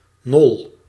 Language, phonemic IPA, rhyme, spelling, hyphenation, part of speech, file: Dutch, /nɔl/, -ɔl, nol, nol, noun, Nl-nol.ogg
- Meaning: dune, usually a sandy hill